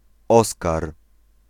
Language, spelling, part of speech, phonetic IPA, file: Polish, Oskar, proper noun, [ˈɔskar], Pl-Oskar.ogg